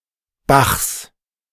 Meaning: genitive singular of Bach
- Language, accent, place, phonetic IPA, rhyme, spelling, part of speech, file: German, Germany, Berlin, [baxs], -axs, Bachs, noun, De-Bachs.ogg